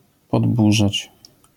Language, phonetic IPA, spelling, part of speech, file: Polish, [pɔdˈbuʒat͡ɕ], podburzać, verb, LL-Q809 (pol)-podburzać.wav